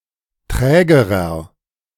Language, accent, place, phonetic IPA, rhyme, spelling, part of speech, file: German, Germany, Berlin, [ˈtʁɛːɡəʁɐ], -ɛːɡəʁɐ, trägerer, adjective, De-trägerer.ogg
- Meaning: inflection of träge: 1. strong/mixed nominative masculine singular comparative degree 2. strong genitive/dative feminine singular comparative degree 3. strong genitive plural comparative degree